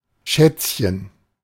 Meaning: 1. diminutive of Schatz 2. darling, honey
- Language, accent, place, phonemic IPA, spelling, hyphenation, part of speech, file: German, Germany, Berlin, /ˈʃɛt͡sçən/, Schätzchen, Schätz‧chen, noun, De-Schätzchen.ogg